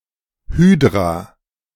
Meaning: Hydra (mythical serpent)
- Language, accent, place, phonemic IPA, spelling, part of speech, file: German, Germany, Berlin, /ˈhyːdʁa/, Hydra, proper noun, De-Hydra.ogg